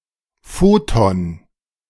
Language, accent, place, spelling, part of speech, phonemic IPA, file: German, Germany, Berlin, Photon, noun, /ˈfoːtɔn/, De-Photon.ogg
- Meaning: photon